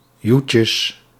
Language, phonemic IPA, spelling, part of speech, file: Dutch, /ˈjucəs/, joetjes, noun, Nl-joetjes.ogg
- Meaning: plural of joetje